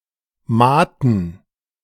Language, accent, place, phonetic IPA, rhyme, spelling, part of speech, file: German, Germany, Berlin, [ˈmaːtn̩], -aːtn̩, Maaten, noun, De-Maaten.ogg
- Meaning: plural of Maat